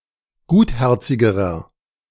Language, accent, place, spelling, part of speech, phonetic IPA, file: German, Germany, Berlin, gutherzigerer, adjective, [ˈɡuːtˌhɛʁt͡sɪɡəʁɐ], De-gutherzigerer.ogg
- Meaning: inflection of gutherzig: 1. strong/mixed nominative masculine singular comparative degree 2. strong genitive/dative feminine singular comparative degree 3. strong genitive plural comparative degree